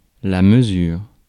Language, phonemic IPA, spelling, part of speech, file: French, /mə.zyʁ/, mesure, noun / verb, Fr-mesure.ogg
- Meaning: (noun) 1. measure 2. measurement; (verb) inflection of mesurer: 1. first/third-person singular present indicative/subjunctive 2. second-person singular imperative